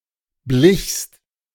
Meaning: second-person singular preterite of bleichen
- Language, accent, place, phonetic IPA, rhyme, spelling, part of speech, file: German, Germany, Berlin, [blɪçst], -ɪçst, blichst, verb, De-blichst.ogg